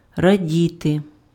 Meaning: to rejoice, to exult, to jubilate, to be glad
- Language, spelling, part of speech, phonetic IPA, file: Ukrainian, радіти, verb, [rɐˈdʲite], Uk-радіти.ogg